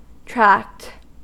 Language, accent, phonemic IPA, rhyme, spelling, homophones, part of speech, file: English, US, /tɹækt/, -ækt, tract, tracked, noun / verb, En-us-tract.ogg
- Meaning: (noun) 1. An area or expanse 2. A series of connected body organs, such as the digestive tract 3. A small booklet such as a pamphlet, often for promotional or informational uses